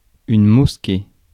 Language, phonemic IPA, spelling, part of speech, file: French, /mɔs.ke/, mosquée, noun, Fr-mosquée.ogg
- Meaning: mosque